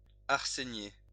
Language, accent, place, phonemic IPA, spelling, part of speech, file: French, France, Lyon, /aʁ.se.nje/, arsénié, adjective, LL-Q150 (fra)-arsénié.wav
- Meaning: arsenical (containing arsenic)